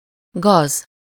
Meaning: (noun) weed; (adjective) vile, wicked, depraved, treacherous, villainous
- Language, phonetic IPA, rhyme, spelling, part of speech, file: Hungarian, [ˈɡɒz], -ɒz, gaz, noun / adjective, Hu-gaz.ogg